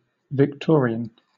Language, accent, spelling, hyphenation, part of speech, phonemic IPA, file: English, Southern England, Victorian, Vic‧tor‧i‧an, adjective / noun / proper noun, /vɪkˈtɔː.ɹɪ.ən/, LL-Q1860 (eng)-Victorian.wav
- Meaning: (adjective) Of or relating to the reign of Queen Victoria from 1837 to 1901, or that period